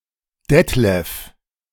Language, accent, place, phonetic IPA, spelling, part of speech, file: German, Germany, Berlin, [ˈdɛtlɛf], Detlef, proper noun, De-Detlef.ogg
- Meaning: a male given name